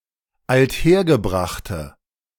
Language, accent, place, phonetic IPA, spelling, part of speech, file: German, Germany, Berlin, [altˈheːɐ̯ɡəˌbʁaxtə], althergebrachte, adjective, De-althergebrachte.ogg
- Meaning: inflection of althergebracht: 1. strong/mixed nominative/accusative feminine singular 2. strong nominative/accusative plural 3. weak nominative all-gender singular